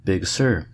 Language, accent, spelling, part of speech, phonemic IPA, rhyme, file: English, US, Big Sur, proper noun, /ˌbɪɡ ˈsɜː(ɹ)/, -ɜː(ɹ), En-us-Big-Sur.ogg
- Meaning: A rugged and mountainous section of the Central Coast of California